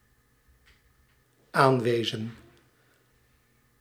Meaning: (noun) 1. presence 2. existence; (verb) inflection of aanwijzen: 1. plural dependent-clause past indicative 2. plural dependent-clause past subjunctive
- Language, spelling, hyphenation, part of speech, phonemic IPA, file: Dutch, aanwezen, aan‧we‧zen, noun / verb, /ˈaːn.ʋeː.zən/, Nl-aanwezen.ogg